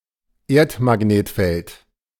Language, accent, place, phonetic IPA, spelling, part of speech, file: German, Germany, Berlin, [ˈeːɐ̯tmaˌɡneːtfɛlt], Erdmagnetfeld, noun, De-Erdmagnetfeld.ogg
- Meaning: Earth's magnetic field